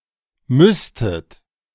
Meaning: second-person plural subjunctive II of müssen
- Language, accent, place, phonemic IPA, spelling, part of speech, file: German, Germany, Berlin, /ˈmʏstət/, müsstet, verb, De-müsstet.ogg